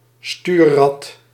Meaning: a steering wheel (primarily of watercraft)
- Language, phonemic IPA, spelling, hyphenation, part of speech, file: Dutch, /ˈstyː(r).rɑt/, stuurrad, stuur‧rad, noun, Nl-stuurrad.ogg